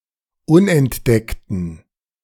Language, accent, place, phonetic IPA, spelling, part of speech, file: German, Germany, Berlin, [ˈʊnʔɛntˌdɛktn̩], unentdeckten, adjective, De-unentdeckten.ogg
- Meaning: inflection of unentdeckt: 1. strong genitive masculine/neuter singular 2. weak/mixed genitive/dative all-gender singular 3. strong/weak/mixed accusative masculine singular 4. strong dative plural